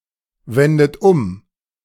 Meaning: inflection of umwenden: 1. second-person plural present 2. third-person singular present 3. plural imperative
- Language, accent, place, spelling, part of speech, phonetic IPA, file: German, Germany, Berlin, wendet um, verb, [ˌvɛndət ˈʊm], De-wendet um.ogg